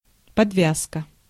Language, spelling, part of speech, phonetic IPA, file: Russian, подвязка, noun, [pɐdˈvʲaskə], Ru-подвязка.ogg
- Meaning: 1. tying up 2. garter